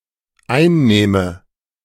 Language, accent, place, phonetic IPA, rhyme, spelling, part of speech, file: German, Germany, Berlin, [ˈaɪ̯nˌnɛːmə], -aɪ̯nnɛːmə, einnähme, verb, De-einnähme.ogg
- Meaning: first/third-person singular dependent subjunctive II of einnehmen